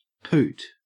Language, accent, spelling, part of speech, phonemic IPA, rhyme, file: English, Australia, poot, noun / verb / interjection, /puːt/, -uːt, En-au-poot.ogg
- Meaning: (noun) 1. A fart, perhaps a relatively quiet one 2. Wind broken during an urge to defecate, resulting from the bacterial fermentation of accumulated feces in the colon; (verb) To fart